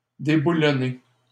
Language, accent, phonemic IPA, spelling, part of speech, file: French, Canada, /de.bu.lɔ.ne/, déboulonner, verb, LL-Q150 (fra)-déboulonner.wav
- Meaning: 1. to unbolt 2. to remove from office; to oust